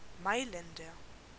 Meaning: Milanese (person from Milan)
- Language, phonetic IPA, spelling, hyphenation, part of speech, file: German, [ˈmaɪ̯lɛndɐ], Mailänder, Mai‧län‧der, noun, De-Mailänder.ogg